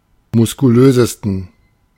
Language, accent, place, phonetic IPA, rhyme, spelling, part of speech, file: German, Germany, Berlin, [mʊskuˈløːzəstn̩], -øːzəstn̩, muskulösesten, adjective, De-muskulösesten.ogg
- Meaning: 1. superlative degree of muskulös 2. inflection of muskulös: strong genitive masculine/neuter singular superlative degree